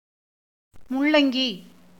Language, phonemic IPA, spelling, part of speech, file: Tamil, /mʊɭːɐŋɡiː/, முள்ளங்கி, noun, Ta-முள்ளங்கி.ogg
- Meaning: radish, the root of Raphanus sativus